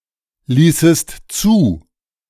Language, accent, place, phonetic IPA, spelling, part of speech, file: German, Germany, Berlin, [ˌliːsəst ˈt͡suː], ließest zu, verb, De-ließest zu.ogg
- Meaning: second-person singular subjunctive II of zulassen